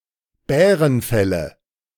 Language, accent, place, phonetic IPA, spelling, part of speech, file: German, Germany, Berlin, [ˈbɛːʁənˌfɛlə], Bärenfelle, noun, De-Bärenfelle.ogg
- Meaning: nominative/accusative/genitive plural of Bärenfell